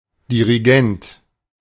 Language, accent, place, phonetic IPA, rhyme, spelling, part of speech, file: German, Germany, Berlin, [ˌdiʁiˈɡɛnt], -ɛnt, Dirigent, noun, De-Dirigent.ogg
- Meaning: director, conductor, maestro, choirmaster